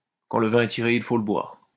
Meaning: in for a penny, in for a pound
- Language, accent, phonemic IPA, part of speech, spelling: French, France, /kɑ̃ l(ə) vɛ̃ ɛ ti.ʁe | il fo lə bwaʁ/, proverb, quand le vin est tiré, il faut le boire